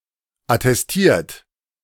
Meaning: 1. past participle of attestieren 2. inflection of attestieren: third-person singular present 3. inflection of attestieren: second-person plural present 4. inflection of attestieren: plural imperative
- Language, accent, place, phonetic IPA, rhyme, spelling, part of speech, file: German, Germany, Berlin, [atɛsˈtiːɐ̯t], -iːɐ̯t, attestiert, verb, De-attestiert.ogg